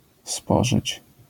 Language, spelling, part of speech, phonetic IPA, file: Polish, spożyć, verb, [ˈspɔʒɨt͡ɕ], LL-Q809 (pol)-spożyć.wav